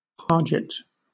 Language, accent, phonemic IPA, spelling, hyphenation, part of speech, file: English, Southern England, /ˈpɑːd͡ʒɪt/, parget, par‧get, verb / noun, LL-Q1860 (eng)-parget.wav
- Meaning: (verb) 1. To coat with gypsum; to plaster, for example walls, or the interior of flues 2. To paint; to cover over; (noun) 1. Gypsum 2. Plaster, as for lining the interior of flues, or for stuccowork